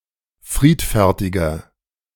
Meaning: 1. comparative degree of friedfertig 2. inflection of friedfertig: strong/mixed nominative masculine singular 3. inflection of friedfertig: strong genitive/dative feminine singular
- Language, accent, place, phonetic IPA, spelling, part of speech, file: German, Germany, Berlin, [ˈfʁiːtfɛʁtɪɡɐ], friedfertiger, adjective, De-friedfertiger.ogg